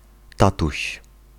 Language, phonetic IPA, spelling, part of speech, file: Polish, [ˈtatuɕ], tatuś, noun, Pl-tatuś.ogg